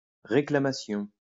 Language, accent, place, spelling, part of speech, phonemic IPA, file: French, France, Lyon, réclamation, noun, /ʁe.kla.ma.sjɔ̃/, LL-Q150 (fra)-réclamation.wav
- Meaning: claim; complaint